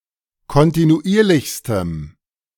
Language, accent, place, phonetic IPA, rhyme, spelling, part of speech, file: German, Germany, Berlin, [kɔntinuˈʔiːɐ̯lɪçstəm], -iːɐ̯lɪçstəm, kontinuierlichstem, adjective, De-kontinuierlichstem.ogg
- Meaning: strong dative masculine/neuter singular superlative degree of kontinuierlich